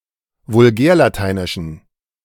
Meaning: inflection of vulgärlateinisch: 1. strong genitive masculine/neuter singular 2. weak/mixed genitive/dative all-gender singular 3. strong/weak/mixed accusative masculine singular
- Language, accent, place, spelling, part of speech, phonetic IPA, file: German, Germany, Berlin, vulgärlateinischen, adjective, [vʊlˈɡɛːɐ̯laˌtaɪ̯nɪʃn̩], De-vulgärlateinischen.ogg